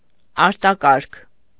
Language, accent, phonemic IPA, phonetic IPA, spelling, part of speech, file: Armenian, Eastern Armenian, /ɑɾtɑˈkɑɾkʰ/, [ɑɾtɑkɑ́ɾkʰ], արտակարգ, adjective, Hy-արտակարգ.ogg
- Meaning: 1. extraordinary (out of the ordinary) 2. unusual, uncommon, exceptional